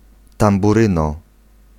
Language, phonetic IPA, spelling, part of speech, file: Polish, [ˌtãmbuˈrɨ̃nɔ], tamburyno, noun, Pl-tamburyno.ogg